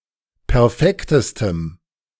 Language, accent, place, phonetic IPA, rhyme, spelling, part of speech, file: German, Germany, Berlin, [pɛʁˈfɛktəstəm], -ɛktəstəm, perfektestem, adjective, De-perfektestem.ogg
- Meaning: strong dative masculine/neuter singular superlative degree of perfekt